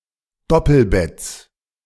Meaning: genitive singular of Doppelbett
- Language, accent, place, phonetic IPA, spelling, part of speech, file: German, Germany, Berlin, [ˈdɔpl̩ˌbɛt͡s], Doppelbetts, noun, De-Doppelbetts.ogg